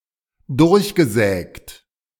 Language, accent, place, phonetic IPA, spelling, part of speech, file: German, Germany, Berlin, [ˈdʊʁçɡəˌzɛːkt], durchgesägt, verb, De-durchgesägt.ogg
- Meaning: past participle of durchsägen